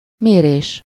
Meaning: verbal noun of mér: measurement (act of measuring)
- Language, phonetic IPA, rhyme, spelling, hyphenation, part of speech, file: Hungarian, [ˈmeːreːʃ], -eːʃ, mérés, mé‧rés, noun, Hu-mérés.ogg